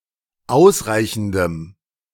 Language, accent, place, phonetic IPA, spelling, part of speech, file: German, Germany, Berlin, [ˈaʊ̯sˌʁaɪ̯çn̩dəm], ausreichendem, adjective, De-ausreichendem.ogg
- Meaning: strong dative masculine/neuter singular of ausreichend